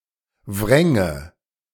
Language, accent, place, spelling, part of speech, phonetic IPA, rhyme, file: German, Germany, Berlin, wränge, verb, [ˈvʁɛŋə], -ɛŋə, De-wränge.ogg
- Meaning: first/third-person singular subjunctive II of wringen